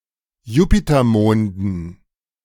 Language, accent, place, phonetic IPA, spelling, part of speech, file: German, Germany, Berlin, [ˈjuːpitɐˌmoːndn̩], Jupitermonden, noun, De-Jupitermonden.ogg
- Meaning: dative plural of Jupitermond